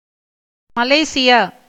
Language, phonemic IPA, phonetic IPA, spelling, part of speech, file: Tamil, /mɐleːtʃɪjɑː/, [mɐleːsɪjäː], மலேசியா, proper noun, Ta-மலேசியா.ogg
- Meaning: Malaysia (a country in Southeast Asia)